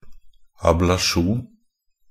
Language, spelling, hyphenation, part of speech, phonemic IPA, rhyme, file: Norwegian Bokmål, ablasjon, ab‧la‧sjon, noun, /ablaˈʃuːn/, -uːn, NB - Pronunciation of Norwegian Bokmål «ablasjon».ogg
- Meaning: an ablation (the removal of a glacier by melting and evaporation or the progressive removal of material by any of a variety of processes)